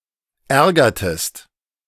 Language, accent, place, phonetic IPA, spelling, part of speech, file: German, Germany, Berlin, [ˈɛʁɡɐtəst], ärgertest, verb, De-ärgertest.ogg
- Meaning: inflection of ärgern: 1. second-person singular preterite 2. second-person singular subjunctive II